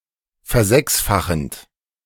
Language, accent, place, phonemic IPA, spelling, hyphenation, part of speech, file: German, Germany, Berlin, /fɛɐ̯ˈzɛksfaxənt/, versechsfachend, ver‧sechs‧fa‧chend, verb, De-versechsfachend.ogg
- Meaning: present participle of versechsfachen